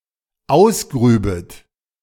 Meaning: second-person plural dependent subjunctive II of ausgraben
- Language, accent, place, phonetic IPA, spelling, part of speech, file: German, Germany, Berlin, [ˈaʊ̯sˌɡʁyːbət], ausgrübet, verb, De-ausgrübet.ogg